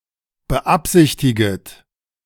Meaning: second-person plural subjunctive I of beabsichtigen
- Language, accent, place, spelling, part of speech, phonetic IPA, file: German, Germany, Berlin, beabsichtiget, verb, [bəˈʔapzɪçtɪɡət], De-beabsichtiget.ogg